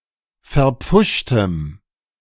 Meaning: strong dative masculine/neuter singular of verpfuscht
- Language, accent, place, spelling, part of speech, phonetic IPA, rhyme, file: German, Germany, Berlin, verpfuschtem, adjective, [fɛɐ̯ˈp͡fʊʃtəm], -ʊʃtəm, De-verpfuschtem.ogg